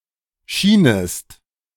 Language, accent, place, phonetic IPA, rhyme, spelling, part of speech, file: German, Germany, Berlin, [ˈʃiːnəst], -iːnəst, schienest, verb, De-schienest.ogg
- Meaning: second-person singular subjunctive II of scheinen